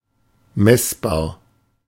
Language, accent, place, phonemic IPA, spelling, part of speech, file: German, Germany, Berlin, /ˈmɛsbaːɐ̯/, messbar, adjective, De-messbar.ogg
- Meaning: measurable